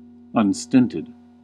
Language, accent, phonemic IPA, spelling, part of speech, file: English, US, /ʌnˈstɪn.tɪd/, unstinted, adjective, En-us-unstinted.ogg
- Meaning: Not constrained, not restrained, or not confined, great in amount or degree